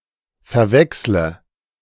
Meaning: inflection of verwechseln: 1. first-person singular present 2. first/third-person singular subjunctive I 3. singular imperative
- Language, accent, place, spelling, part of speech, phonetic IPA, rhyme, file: German, Germany, Berlin, verwechsle, verb, [fɛɐ̯ˈvɛkslə], -ɛkslə, De-verwechsle.ogg